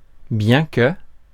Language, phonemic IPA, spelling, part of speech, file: French, /bjɛ̃ kə/, bien que, conjunction, Fr-bien que.ogg
- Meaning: although